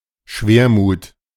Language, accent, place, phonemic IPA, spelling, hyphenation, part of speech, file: German, Germany, Berlin, /ˈʃveːɐ̯ˌmuːt/, Schwermut, Schwer‧mut, noun, De-Schwermut.ogg
- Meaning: melancholy